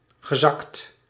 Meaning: past participle of zakken
- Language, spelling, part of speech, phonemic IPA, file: Dutch, gezakt, verb, /ɣəˈzɑkt/, Nl-gezakt.ogg